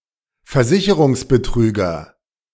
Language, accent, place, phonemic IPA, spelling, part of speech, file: German, Germany, Berlin, /fɛɐ̯ˈzɪçəʁʊŋs.bəˌtʁyːɡɐ/, Versicherungsbetrüger, noun, De-Versicherungsbetrüger.ogg
- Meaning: insurance swindler, insurance fraudster